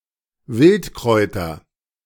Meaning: nominative/accusative/genitive plural of Wildkraut
- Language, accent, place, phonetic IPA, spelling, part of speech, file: German, Germany, Berlin, [ˈvɪltˌkʁɔɪ̯tɐ], Wildkräuter, noun, De-Wildkräuter.ogg